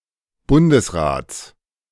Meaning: genitive singular of Bundesrat
- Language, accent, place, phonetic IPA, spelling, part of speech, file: German, Germany, Berlin, [ˈbʊndəsˌʁaːt͡s], Bundesrats, noun, De-Bundesrats.ogg